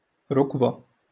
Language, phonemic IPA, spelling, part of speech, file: Moroccan Arabic, /ruk.ba/, ركبة, noun, LL-Q56426 (ary)-ركبة.wav
- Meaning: knee